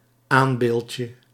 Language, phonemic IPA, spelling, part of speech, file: Dutch, /ˈambelcə/, aanbeeldje, noun, Nl-aanbeeldje.ogg
- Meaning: diminutive of aanbeeld